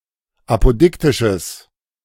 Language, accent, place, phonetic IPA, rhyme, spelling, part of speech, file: German, Germany, Berlin, [ˌapoˈdɪktɪʃəs], -ɪktɪʃəs, apodiktisches, adjective, De-apodiktisches.ogg
- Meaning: strong/mixed nominative/accusative neuter singular of apodiktisch